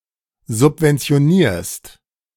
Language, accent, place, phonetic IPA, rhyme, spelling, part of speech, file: German, Germany, Berlin, [zʊpvɛnt͡si̯oˈniːɐ̯st], -iːɐ̯st, subventionierst, verb, De-subventionierst.ogg
- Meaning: second-person singular present of subventionieren